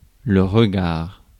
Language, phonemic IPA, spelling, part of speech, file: French, /ʁə.ɡaʁ/, regard, noun, Fr-regard.ogg
- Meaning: 1. look, glance 2. sight, gaze, eyes 3. manhole